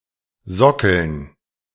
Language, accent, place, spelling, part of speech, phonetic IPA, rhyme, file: German, Germany, Berlin, Sockeln, noun, [ˈzɔkl̩n], -ɔkl̩n, De-Sockeln.ogg
- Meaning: dative plural of Sockel